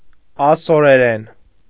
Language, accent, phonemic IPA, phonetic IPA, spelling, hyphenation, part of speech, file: Armenian, Eastern Armenian, /ɑsoɾeˈɾen/, [ɑsoɾeɾén], ասորերեն, ա‧սո‧րե‧րեն, noun / adverb / adjective, Hy-ասորերեն.ogg
- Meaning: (noun) Classical Syriac (language); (adverb) in Classical Syriac; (adjective) Classical Syriac (of or pertaining to the language)